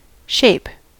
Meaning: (noun) 1. The status or condition of something 2. Condition of personal health, especially muscular health
- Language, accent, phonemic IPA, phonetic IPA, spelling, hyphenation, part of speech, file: English, General American, /ˈʃeɪ̯p/, [ˈʃeɪ̯p], shape, shape, noun / verb, En-us-shape.ogg